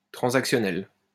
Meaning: transactional
- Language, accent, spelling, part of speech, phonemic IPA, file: French, France, transactionnel, adjective, /tʁɑ̃.zak.sjɔ.nɛl/, LL-Q150 (fra)-transactionnel.wav